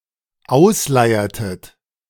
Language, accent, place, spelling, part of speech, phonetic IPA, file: German, Germany, Berlin, ausleiertet, verb, [ˈaʊ̯sˌlaɪ̯ɐtət], De-ausleiertet.ogg
- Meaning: inflection of ausleiern: 1. second-person plural dependent preterite 2. second-person plural dependent subjunctive II